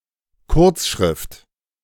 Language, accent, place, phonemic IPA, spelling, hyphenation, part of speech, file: German, Germany, Berlin, /ˈkʊʁt͡sˌʃʁɪft/, Kurzschrift, Kurz‧schrift, noun, De-Kurzschrift.ogg
- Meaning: 1. shorthand 2. contracted braille